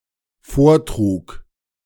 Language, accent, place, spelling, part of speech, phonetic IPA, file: German, Germany, Berlin, vortrug, verb, [ˈfoːɐ̯ˌtʁuːk], De-vortrug.ogg
- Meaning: first/third-person singular dependent preterite of vortragen